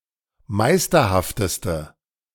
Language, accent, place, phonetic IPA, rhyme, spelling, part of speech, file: German, Germany, Berlin, [ˈmaɪ̯stɐhaftəstə], -aɪ̯stɐhaftəstə, meisterhafteste, adjective, De-meisterhafteste.ogg
- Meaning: inflection of meisterhaft: 1. strong/mixed nominative/accusative feminine singular superlative degree 2. strong nominative/accusative plural superlative degree